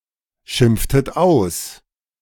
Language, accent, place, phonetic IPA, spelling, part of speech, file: German, Germany, Berlin, [ˌʃɪmp͡ftət ˈaʊ̯s], schimpftet aus, verb, De-schimpftet aus.ogg
- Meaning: inflection of ausschimpfen: 1. second-person plural preterite 2. second-person plural subjunctive II